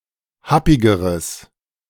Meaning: strong/mixed nominative/accusative neuter singular comparative degree of happig
- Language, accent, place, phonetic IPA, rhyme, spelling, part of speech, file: German, Germany, Berlin, [ˈhapɪɡəʁəs], -apɪɡəʁəs, happigeres, adjective, De-happigeres.ogg